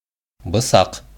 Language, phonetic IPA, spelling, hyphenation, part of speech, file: Bashkir, [bɯ̞ˈsɑq], бысаҡ, бы‧саҡ, noun, Ba-бысаҡ.ogg
- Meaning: knife